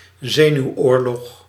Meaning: war of nerves
- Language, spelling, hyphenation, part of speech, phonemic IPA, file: Dutch, zenuwoorlog, ze‧nuw‧oor‧log, noun, /ˈzeː.nyu̯ˌoːr.lɔx/, Nl-zenuwoorlog.ogg